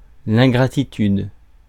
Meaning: ingratitude, ungratefulness
- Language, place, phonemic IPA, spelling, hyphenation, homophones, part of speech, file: French, Paris, /ɛ̃.ɡʁa.ti.tyd/, ingratitude, in‧gra‧ti‧tude, ingratitudes, noun, Fr-ingratitude.ogg